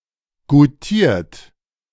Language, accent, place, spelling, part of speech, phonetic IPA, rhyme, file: German, Germany, Berlin, goutiert, verb, [ɡuˈtiːɐ̯t], -iːɐ̯t, De-goutiert.ogg
- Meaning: 1. past participle of goutieren 2. inflection of goutieren: third-person singular present 3. inflection of goutieren: second-person plural present 4. inflection of goutieren: plural imperative